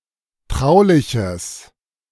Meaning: strong/mixed nominative/accusative neuter singular of traulich
- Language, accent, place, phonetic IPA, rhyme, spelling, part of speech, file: German, Germany, Berlin, [ˈtʁaʊ̯lɪçəs], -aʊ̯lɪçəs, trauliches, adjective, De-trauliches.ogg